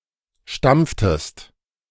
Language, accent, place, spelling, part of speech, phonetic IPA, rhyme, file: German, Germany, Berlin, stampftest, verb, [ˈʃtamp͡ftəst], -amp͡ftəst, De-stampftest.ogg
- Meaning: inflection of stampfen: 1. second-person singular preterite 2. second-person singular subjunctive II